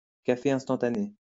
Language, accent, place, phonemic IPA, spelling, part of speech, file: French, France, Lyon, /ka.fe ɛ̃s.tɑ̃.ta.ne/, café instantané, noun, LL-Q150 (fra)-café instantané.wav
- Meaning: instant coffee